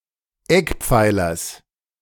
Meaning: genitive singular of Eckpfeiler
- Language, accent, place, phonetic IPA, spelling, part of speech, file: German, Germany, Berlin, [ˈɛkˌp͡faɪ̯lɐs], Eckpfeilers, noun, De-Eckpfeilers.ogg